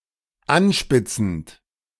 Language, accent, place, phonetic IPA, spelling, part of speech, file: German, Germany, Berlin, [ˈanˌʃpɪt͡sn̩t], anspitzend, verb, De-anspitzend.ogg
- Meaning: present participle of anspitzen